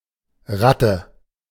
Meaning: rat
- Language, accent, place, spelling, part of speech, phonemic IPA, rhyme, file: German, Germany, Berlin, Ratte, noun, /ˈʁatə/, -atə, De-Ratte.ogg